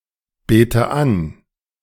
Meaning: inflection of anbeten: 1. first-person singular present 2. first/third-person singular subjunctive I 3. singular imperative
- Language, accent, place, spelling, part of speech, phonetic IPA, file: German, Germany, Berlin, bete an, verb, [ˌbeːtə ˈan], De-bete an.ogg